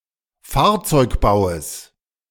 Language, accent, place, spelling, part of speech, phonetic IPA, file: German, Germany, Berlin, Fahrzeugbaues, noun, [ˈfaːɐ̯t͡sɔɪ̯kˌbaʊ̯əs], De-Fahrzeugbaues.ogg
- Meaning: genitive singular of Fahrzeugbau